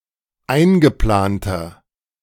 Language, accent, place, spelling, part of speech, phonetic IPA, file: German, Germany, Berlin, eingeplanter, adjective, [ˈaɪ̯nɡəˌplaːntɐ], De-eingeplanter.ogg
- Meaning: inflection of eingeplant: 1. strong/mixed nominative masculine singular 2. strong genitive/dative feminine singular 3. strong genitive plural